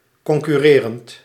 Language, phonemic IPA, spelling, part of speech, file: Dutch, /kɔŋkʏˈrerənt/, concurrerend, verb / adjective, Nl-concurrerend.ogg
- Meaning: present participle of concurreren